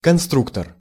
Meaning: 1. designer, design engineer, constructor 2. construction set, assembly kit
- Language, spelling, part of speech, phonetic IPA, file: Russian, конструктор, noun, [kɐnˈstruktər], Ru-конструктор.ogg